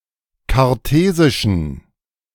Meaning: inflection of kartesisch: 1. strong genitive masculine/neuter singular 2. weak/mixed genitive/dative all-gender singular 3. strong/weak/mixed accusative masculine singular 4. strong dative plural
- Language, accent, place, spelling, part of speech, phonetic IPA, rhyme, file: German, Germany, Berlin, kartesischen, adjective, [kaʁˈteːzɪʃn̩], -eːzɪʃn̩, De-kartesischen.ogg